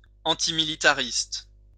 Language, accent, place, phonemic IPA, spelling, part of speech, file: French, France, Lyon, /ɑ̃.ti.mi.li.ta.ʁist/, antimilitariste, adjective, LL-Q150 (fra)-antimilitariste.wav
- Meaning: antimilitarist